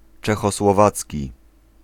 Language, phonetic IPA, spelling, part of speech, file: Polish, [ˌt͡ʃɛxɔswɔˈvat͡sʲci], czechosłowacki, adjective, Pl-czechosłowacki.ogg